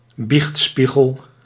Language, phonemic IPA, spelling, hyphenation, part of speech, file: Dutch, /ˈbixtˌspi.ɣəl/, biechtspiegel, biecht‧spie‧gel, noun, Nl-biechtspiegel.ogg
- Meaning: manual of confession (a list of common sins which can be consulted to examine whether one has some of them to confess)